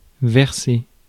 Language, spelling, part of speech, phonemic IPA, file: French, verser, verb, /vɛʁ.se/, Fr-verser.ogg
- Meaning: 1. to pour 2. to pay, to put money into a fund 3. to overturn (turn over, capsize)